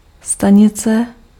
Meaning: station (place where a vehicle may stop)
- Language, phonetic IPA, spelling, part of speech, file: Czech, [ˈstaɲɪt͡sɛ], stanice, noun, Cs-stanice.ogg